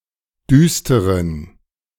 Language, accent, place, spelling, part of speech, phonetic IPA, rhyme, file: German, Germany, Berlin, düsteren, adjective, [ˈdyːstəʁən], -yːstəʁən, De-düsteren.ogg
- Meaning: inflection of düster: 1. strong genitive masculine/neuter singular 2. weak/mixed genitive/dative all-gender singular 3. strong/weak/mixed accusative masculine singular 4. strong dative plural